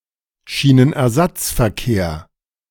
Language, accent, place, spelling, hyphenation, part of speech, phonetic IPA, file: German, Germany, Berlin, Schienenersatzverkehr, Schie‧nen‧er‧satz‧ver‧kehr, noun, [ˌʃiːnənʔɛɐ̯ˈzat͡sfɛɐ̯ˌkeːɐ̯], De-Schienenersatzverkehr.ogg
- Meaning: 1. rail replacement bus service 2. bus replacement service